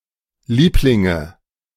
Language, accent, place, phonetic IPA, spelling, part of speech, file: German, Germany, Berlin, [ˈliːplɪŋə], Lieblinge, noun, De-Lieblinge.ogg
- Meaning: nominative/accusative/genitive plural of Liebling